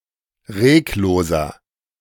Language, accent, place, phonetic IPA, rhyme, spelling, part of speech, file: German, Germany, Berlin, [ˈʁeːkˌloːzɐ], -eːkloːzɐ, regloser, adjective, De-regloser.ogg
- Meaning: 1. comparative degree of reglos 2. inflection of reglos: strong/mixed nominative masculine singular 3. inflection of reglos: strong genitive/dative feminine singular